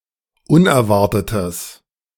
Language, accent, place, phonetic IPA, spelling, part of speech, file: German, Germany, Berlin, [ˈʊnɛɐ̯ˌvaʁtətəs], unerwartetes, adjective, De-unerwartetes.ogg
- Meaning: strong/mixed nominative/accusative neuter singular of unerwartet